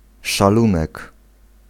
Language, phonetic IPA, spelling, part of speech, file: Polish, [ʃaˈlũnɛk], szalunek, noun, Pl-szalunek.ogg